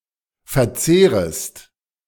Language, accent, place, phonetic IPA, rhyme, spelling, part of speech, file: German, Germany, Berlin, [fɛɐ̯ˈt͡seːʁəst], -eːʁəst, verzehrest, verb, De-verzehrest.ogg
- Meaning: second-person singular subjunctive I of verzehren